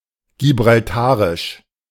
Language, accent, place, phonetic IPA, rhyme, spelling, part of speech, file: German, Germany, Berlin, [ɡibʁalˈtaːʁɪʃ], -aːʁɪʃ, gibraltarisch, adjective, De-gibraltarisch.ogg
- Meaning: of Gibraltar; Gibraltarian